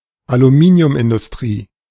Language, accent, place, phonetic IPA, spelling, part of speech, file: German, Germany, Berlin, [aluˈmiːni̯ʊmʔɪndʊsˌtʁiː], Aluminiumindustrie, noun, De-Aluminiumindustrie.ogg
- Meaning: aluminium industry